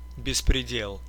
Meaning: lawlessness, outrage, arbitrary rule
- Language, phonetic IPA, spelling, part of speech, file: Russian, [bʲɪsprʲɪˈdʲeɫ], беспредел, noun, Ru-беспреде́л.ogg